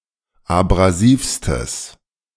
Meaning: strong/mixed nominative/accusative neuter singular superlative degree of abrasiv
- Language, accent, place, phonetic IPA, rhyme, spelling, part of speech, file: German, Germany, Berlin, [abʁaˈziːfstəs], -iːfstəs, abrasivstes, adjective, De-abrasivstes.ogg